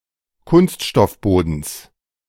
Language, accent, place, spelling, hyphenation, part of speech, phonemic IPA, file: German, Germany, Berlin, Kunststoffbodens, Kunst‧stoff‧bo‧dens, noun, /ˈkʊnstʃtɔfˌboːdn̩s/, De-Kunststoffbodens.ogg
- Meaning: genitive singular of Kunststoffboden